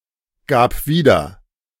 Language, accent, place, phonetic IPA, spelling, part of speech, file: German, Germany, Berlin, [ˌɡaːp ˈviːdɐ], gab wieder, verb, De-gab wieder.ogg
- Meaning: first/third-person singular preterite of wiedergeben